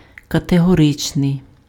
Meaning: categorical (absolute; having no exception), peremptory
- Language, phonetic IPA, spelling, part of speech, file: Ukrainian, [kɐteɦɔˈrɪt͡ʃnei̯], категоричний, adjective, Uk-категоричний.ogg